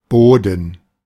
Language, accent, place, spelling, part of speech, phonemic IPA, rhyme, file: German, Germany, Berlin, Boden, noun, /ˈboːdn̩/, -oːdn̩, De-Boden.ogg
- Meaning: 1. ground, soil 2. sea bottom (typically called Meeresboden) 3. any defined type of soil 4. floor 5. attic, garret, loft